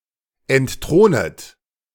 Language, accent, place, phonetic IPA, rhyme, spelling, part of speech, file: German, Germany, Berlin, [ɛntˈtʁoːnət], -oːnət, entthronet, verb, De-entthronet.ogg
- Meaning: second-person plural subjunctive I of entthronen